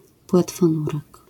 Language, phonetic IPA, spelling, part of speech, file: Polish, [ˌpwɛtfɔ̃ˈnurɛk], płetwonurek, noun, LL-Q809 (pol)-płetwonurek.wav